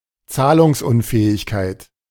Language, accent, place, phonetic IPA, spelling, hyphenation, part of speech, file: German, Germany, Berlin, [ˈt͡saːlʊŋsˌʊnfɛːɪçkaɪ̯t], Zahlungsunfähigkeit, Zah‧lungs‧un‧fä‧hig‧keit, noun, De-Zahlungsunfähigkeit.ogg
- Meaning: insolvency